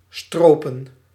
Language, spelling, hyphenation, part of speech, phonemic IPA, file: Dutch, stropen, stro‧pen, verb / noun, /ˈstroː.pə(n)/, Nl-stropen.ogg
- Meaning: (verb) 1. to poach (to hunt illegally) 2. to plunder, to maraud 3. to flay, to skin (to peel the skin from) 4. to roll up; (noun) plural of stroop